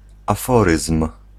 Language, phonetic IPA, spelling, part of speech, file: Polish, [aˈfɔrɨsm̥], aforyzm, noun, Pl-aforyzm.ogg